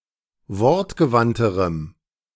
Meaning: strong dative masculine/neuter singular comparative degree of wortgewandt
- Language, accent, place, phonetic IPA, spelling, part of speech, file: German, Germany, Berlin, [ˈvɔʁtɡəˌvantəʁəm], wortgewandterem, adjective, De-wortgewandterem.ogg